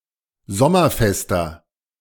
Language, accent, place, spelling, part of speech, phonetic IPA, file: German, Germany, Berlin, sommerfester, adjective, [ˈzɔmɐˌfɛstɐ], De-sommerfester.ogg
- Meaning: inflection of sommerfest: 1. strong/mixed nominative masculine singular 2. strong genitive/dative feminine singular 3. strong genitive plural